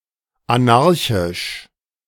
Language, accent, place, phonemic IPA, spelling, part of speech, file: German, Germany, Berlin, /aˈnaʁçɪʃ/, anarchisch, adjective, De-anarchisch.ogg
- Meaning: anarchic